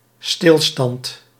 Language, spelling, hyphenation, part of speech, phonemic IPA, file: Dutch, stilstand, stil‧stand, noun, /ˈstɪl.stɑnt/, Nl-stilstand.ogg
- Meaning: standstill, stop, stoppage, cessation